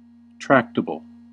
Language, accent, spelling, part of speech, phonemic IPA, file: English, US, tractable, adjective, /ˈtɹæk.tə.bəl/, En-us-tractable.ogg
- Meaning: 1. Capable of being easily led, taught, or managed 2. Easy to deal with or manage 3. Capable of being shaped; malleable 4. Capable of being handled or touched